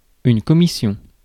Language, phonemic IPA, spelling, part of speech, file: French, /kɔ.mi.sjɔ̃/, commission, noun, Fr-commission.ogg
- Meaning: 1. commission (fee charged by an agent or broker for carrying out a transaction) 2. message 3. errand, especially to buy usual supplies such as groceries